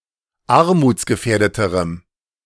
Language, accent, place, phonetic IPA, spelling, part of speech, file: German, Germany, Berlin, [ˈaʁmuːt͡sɡəˌfɛːɐ̯dətəʁəm], armutsgefährdeterem, adjective, De-armutsgefährdeterem.ogg
- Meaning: strong dative masculine/neuter singular comparative degree of armutsgefährdet